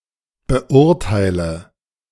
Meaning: inflection of beurteilen: 1. first-person singular present 2. singular imperative 3. first/third-person singular subjunctive I
- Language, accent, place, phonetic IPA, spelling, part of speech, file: German, Germany, Berlin, [bəˈʔʊʁtaɪ̯lə], beurteile, verb, De-beurteile.ogg